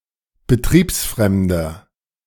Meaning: inflection of betriebsfremd: 1. strong/mixed nominative masculine singular 2. strong genitive/dative feminine singular 3. strong genitive plural
- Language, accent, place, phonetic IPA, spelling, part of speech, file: German, Germany, Berlin, [bəˈtʁiːpsˌfʁɛmdɐ], betriebsfremder, adjective, De-betriebsfremder.ogg